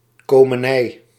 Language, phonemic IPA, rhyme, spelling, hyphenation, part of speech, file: Dutch, /ˌkoː.məˈnɛi̯/, -ɛi̯, komenij, ko‧me‧nij, noun, Nl-komenij.ogg
- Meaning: 1. a grocery store 2. groceries, in particular sweets